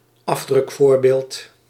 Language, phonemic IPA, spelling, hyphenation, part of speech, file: Dutch, /ˈɑf.drʏkˌfoːr.beːlt/, afdrukvoorbeeld, af‧druk‧voor‧beeld, noun, Nl-afdrukvoorbeeld.ogg
- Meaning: print preview